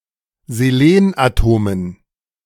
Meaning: dative plural of Selenatom
- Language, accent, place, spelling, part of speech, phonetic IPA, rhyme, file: German, Germany, Berlin, Selenatomen, noun, [zeˈleːnʔaˌtoːmən], -eːnʔatoːmən, De-Selenatomen.ogg